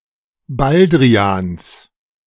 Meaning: genitive of Baldrian
- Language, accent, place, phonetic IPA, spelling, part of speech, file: German, Germany, Berlin, [ˈbaldʁiaːns], Baldrians, noun, De-Baldrians.ogg